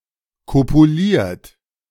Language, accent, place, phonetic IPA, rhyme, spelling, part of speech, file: German, Germany, Berlin, [ˌkopuˈliːɐ̯t], -iːɐ̯t, kopuliert, verb, De-kopuliert.ogg
- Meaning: 1. past participle of kopulieren 2. inflection of kopulieren: third-person singular present 3. inflection of kopulieren: second-person plural present 4. inflection of kopulieren: plural imperative